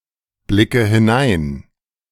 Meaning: inflection of hineinblicken: 1. first-person singular present 2. first/third-person singular subjunctive I 3. singular imperative
- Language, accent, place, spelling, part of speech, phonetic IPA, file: German, Germany, Berlin, blicke hinein, verb, [ˌblɪkə hɪˈnaɪ̯n], De-blicke hinein.ogg